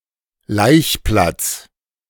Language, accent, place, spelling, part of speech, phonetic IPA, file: German, Germany, Berlin, Laichplatz, noun, [ˈlaɪ̯çˌplat͡s], De-Laichplatz.ogg
- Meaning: breeding-ground